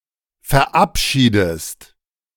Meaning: inflection of verabschieden: 1. second-person singular present 2. second-person singular subjunctive I
- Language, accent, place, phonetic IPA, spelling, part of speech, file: German, Germany, Berlin, [fɛɐ̯ˈʔapˌʃiːdəst], verabschiedest, verb, De-verabschiedest.ogg